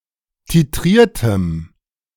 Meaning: strong dative masculine/neuter singular of titriert
- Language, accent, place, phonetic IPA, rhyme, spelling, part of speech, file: German, Germany, Berlin, [tiˈtʁiːɐ̯təm], -iːɐ̯təm, titriertem, adjective, De-titriertem.ogg